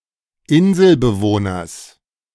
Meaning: genitive singular of Inselbewohner
- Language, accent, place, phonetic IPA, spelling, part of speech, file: German, Germany, Berlin, [ˈɪnzl̩bəˌvoːnɐs], Inselbewohners, noun, De-Inselbewohners.ogg